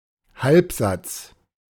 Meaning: partial sentence
- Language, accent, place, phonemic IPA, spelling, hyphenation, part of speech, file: German, Germany, Berlin, /ˈhalpˌzat͡s/, Halbsatz, Halb‧satz, noun, De-Halbsatz.ogg